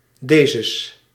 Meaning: genitive singular masculine/neuter of deze; of this
- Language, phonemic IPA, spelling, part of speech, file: Dutch, /dezəs/, dezes, pronoun, Nl-dezes.ogg